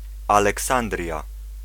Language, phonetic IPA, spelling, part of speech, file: Polish, [ˌalɛˈksãndrʲja], Aleksandria, proper noun, Pl-Aleksandria.ogg